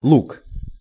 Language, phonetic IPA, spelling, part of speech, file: Russian, [ɫuk], луг, noun, Ru-луг.ogg
- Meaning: meadow